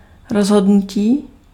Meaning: 1. verbal noun of rozhodnout 2. decision (choice or judgement)
- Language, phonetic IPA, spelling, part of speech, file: Czech, [ˈrozɦodnuciː], rozhodnutí, noun, Cs-rozhodnutí.ogg